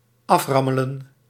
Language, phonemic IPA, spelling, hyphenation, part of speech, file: Dutch, /ˈɑfˌrɑ.mə.lə(n)/, aframmelen, af‧ram‧me‧len, verb, Nl-aframmelen.ogg
- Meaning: 1. to beat up 2. to say something fast and mechanically